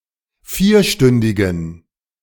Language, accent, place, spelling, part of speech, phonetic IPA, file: German, Germany, Berlin, vierstündigen, adjective, [ˈfiːɐ̯ˌʃtʏndɪɡn̩], De-vierstündigen.ogg
- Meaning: inflection of vierstündig: 1. strong genitive masculine/neuter singular 2. weak/mixed genitive/dative all-gender singular 3. strong/weak/mixed accusative masculine singular 4. strong dative plural